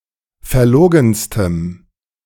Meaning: strong dative masculine/neuter singular superlative degree of verlogen
- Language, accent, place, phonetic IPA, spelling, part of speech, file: German, Germany, Berlin, [fɛɐ̯ˈloːɡn̩stəm], verlogenstem, adjective, De-verlogenstem.ogg